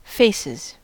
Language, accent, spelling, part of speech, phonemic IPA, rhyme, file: English, US, faces, noun / verb, /ˈfeɪsɪz/, -eɪsɪz, En-us-faces.ogg
- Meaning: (noun) plural of face; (verb) third-person singular simple present indicative of face